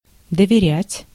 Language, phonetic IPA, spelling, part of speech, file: Russian, [dəvʲɪˈrʲætʲ], доверять, verb, Ru-доверять.ogg
- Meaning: 1. to trust, to have confidence in 2. to entrust (to give someone or something to someone for safekeeping) 3. to entrust (to tell someone a secret) 4. to entrust, to charge, to delegate